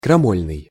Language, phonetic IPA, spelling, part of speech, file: Russian, [krɐˈmolʲnɨj], крамольный, adjective, Ru-крамольный.ogg
- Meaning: seditious, subversive, rebellious, mutinous